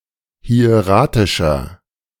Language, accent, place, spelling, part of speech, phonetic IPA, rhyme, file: German, Germany, Berlin, hieratischer, adjective, [hi̯eˈʁaːtɪʃɐ], -aːtɪʃɐ, De-hieratischer.ogg
- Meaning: 1. comparative degree of hieratisch 2. inflection of hieratisch: strong/mixed nominative masculine singular 3. inflection of hieratisch: strong genitive/dative feminine singular